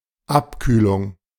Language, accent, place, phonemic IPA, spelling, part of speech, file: German, Germany, Berlin, /ˈʔapkyːlʊŋ/, Abkühlung, noun, De-Abkühlung.ogg
- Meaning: 1. cooling 2. chilling 3. slump